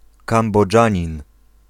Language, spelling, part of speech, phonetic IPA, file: Polish, Kambodżanin, noun, [ˌkãmbɔˈd͡ʒãɲĩn], Pl-Kambodżanin.ogg